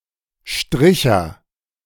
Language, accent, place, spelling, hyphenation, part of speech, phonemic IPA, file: German, Germany, Berlin, Stricher, Stri‧cher, noun, /ˈʃtʁɪçɐ/, De-Stricher.ogg
- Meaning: manwhore, a male prostitute